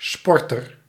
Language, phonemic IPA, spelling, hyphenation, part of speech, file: Dutch, /ˈspɔr.tər/, sporter, spor‧ter, noun, Nl-sporter.ogg
- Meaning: one who plays a sport (habitually)